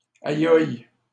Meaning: 1. expression of pain 2. expression of admirative surprise
- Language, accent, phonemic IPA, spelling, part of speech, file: French, Canada, /a.jɔj/, ayoye, interjection, LL-Q150 (fra)-ayoye.wav